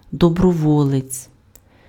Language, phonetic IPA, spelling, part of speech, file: Ukrainian, [dɔbrɔˈwɔɫet͡sʲ], доброволець, noun, Uk-доброволець.ogg
- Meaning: volunteer